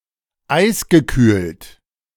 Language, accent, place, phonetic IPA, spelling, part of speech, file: German, Germany, Berlin, [ˈaɪ̯sɡəˌkyːlt], eisgekühlt, adjective, De-eisgekühlt.ogg
- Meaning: iced (cooled by the addition of ice)